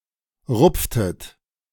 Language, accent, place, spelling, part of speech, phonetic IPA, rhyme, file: German, Germany, Berlin, rupftet, verb, [ˈʁʊp͡ftət], -ʊp͡ftət, De-rupftet.ogg
- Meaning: inflection of rupfen: 1. second-person plural preterite 2. second-person plural subjunctive II